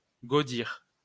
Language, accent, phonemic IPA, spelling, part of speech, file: French, France, /ɡo.diʁ/, gaudir, verb, LL-Q150 (fra)-gaudir.wav
- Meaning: to rejoice